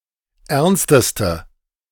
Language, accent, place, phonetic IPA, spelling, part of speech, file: German, Germany, Berlin, [ˈɛʁnstəstə], ernsteste, adjective, De-ernsteste.ogg
- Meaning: inflection of ernst: 1. strong/mixed nominative/accusative feminine singular superlative degree 2. strong nominative/accusative plural superlative degree